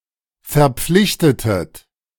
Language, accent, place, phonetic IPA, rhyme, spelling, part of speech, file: German, Germany, Berlin, [fɛɐ̯ˈp͡flɪçtətət], -ɪçtətət, verpflichtetet, verb, De-verpflichtetet.ogg
- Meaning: inflection of verpflichten: 1. second-person plural preterite 2. second-person plural subjunctive II